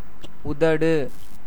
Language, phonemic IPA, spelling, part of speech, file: Tamil, /ʊd̪ɐɖɯ/, உதடு, noun, Ta-உதடு.ogg
- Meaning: 1. lip 2. brim, margin